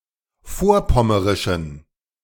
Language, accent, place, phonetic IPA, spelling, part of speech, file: German, Germany, Berlin, [ˈfoːɐ̯ˌpɔməʁɪʃn̩], vorpommerischen, adjective, De-vorpommerischen.ogg
- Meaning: inflection of vorpommerisch: 1. strong genitive masculine/neuter singular 2. weak/mixed genitive/dative all-gender singular 3. strong/weak/mixed accusative masculine singular 4. strong dative plural